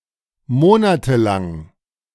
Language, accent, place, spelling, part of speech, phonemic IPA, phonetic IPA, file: German, Germany, Berlin, monatelang, adjective / adverb, /ˈmoːnatəˌlaŋ/, [ˈmoːnatʰəˌlaŋ], De-monatelang.ogg
- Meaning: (adjective) lasting for months, months of; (adverb) for months